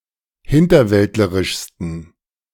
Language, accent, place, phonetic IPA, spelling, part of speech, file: German, Germany, Berlin, [ˈhɪntɐˌvɛltləʁɪʃstn̩], hinterwäldlerischsten, adjective, De-hinterwäldlerischsten.ogg
- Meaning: 1. superlative degree of hinterwäldlerisch 2. inflection of hinterwäldlerisch: strong genitive masculine/neuter singular superlative degree